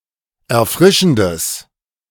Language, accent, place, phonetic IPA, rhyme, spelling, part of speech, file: German, Germany, Berlin, [ɛɐ̯ˈfʁɪʃn̩dəs], -ɪʃn̩dəs, erfrischendes, adjective, De-erfrischendes.ogg
- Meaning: strong/mixed nominative/accusative neuter singular of erfrischend